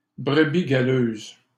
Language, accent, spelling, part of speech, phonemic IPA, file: French, Canada, brebis galeuse, noun, /bʁə.bi ɡa.løz/, LL-Q150 (fra)-brebis galeuse.wav
- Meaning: black sheep; bad apple (person who is not wholesome, honest, or trustworthy; person who is undesirable)